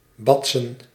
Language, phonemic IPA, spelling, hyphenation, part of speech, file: Dutch, /ˈbɑtsə(n)/, batsen, bat‧sen, verb, Nl-batsen.ogg
- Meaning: 1. to rock, to bounce 2. to hit, to slap, to smack 3. to fuck